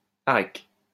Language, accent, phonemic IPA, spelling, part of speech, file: French, France, /a.ʁɛk/, arec, noun, LL-Q150 (fra)-arec.wav
- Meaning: 1. areca 2. areca nut